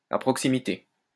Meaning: nearby
- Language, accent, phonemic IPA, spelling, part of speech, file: French, France, /a pʁɔk.si.mi.te/, à proximité, adverb, LL-Q150 (fra)-à proximité.wav